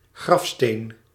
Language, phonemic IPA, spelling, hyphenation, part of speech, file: Dutch, /ˈɣrɑf.steːn/, grafsteen, graf‧steen, noun, Nl-grafsteen.ogg
- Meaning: gravestone